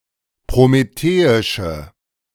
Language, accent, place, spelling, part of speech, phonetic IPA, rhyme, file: German, Germany, Berlin, prometheische, adjective, [pʁomeˈteːɪʃə], -eːɪʃə, De-prometheische.ogg
- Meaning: inflection of prometheisch: 1. strong/mixed nominative/accusative feminine singular 2. strong nominative/accusative plural 3. weak nominative all-gender singular